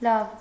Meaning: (adjective) good; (particle) good, fine, OK
- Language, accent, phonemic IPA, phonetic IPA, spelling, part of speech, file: Armenian, Eastern Armenian, /lɑv/, [lɑv], լավ, adjective / particle, Hy-լավ.ogg